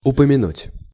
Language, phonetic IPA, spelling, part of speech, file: Russian, [ʊpəmʲɪˈnutʲ], упомянуть, verb, Ru-упомянуть.ogg
- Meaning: to mention, to refer